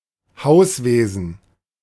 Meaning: housekeeping, household maintenance
- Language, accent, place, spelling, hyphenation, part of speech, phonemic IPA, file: German, Germany, Berlin, Hauswesen, Haus‧we‧sen, noun, /ˈhaʊ̯sˌveːzn̩/, De-Hauswesen.ogg